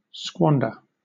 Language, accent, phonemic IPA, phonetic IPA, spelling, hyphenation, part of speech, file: English, Southern England, /ˈskwɒnd.ə/, [ˈskwɒn.də], squander, squan‧der, verb, LL-Q1860 (eng)-squander.wav
- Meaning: 1. To waste, lavish, splurge; to spend lavishly or profusely; to dissipate 2. To scatter; to disperse 3. To wander at random; to scatter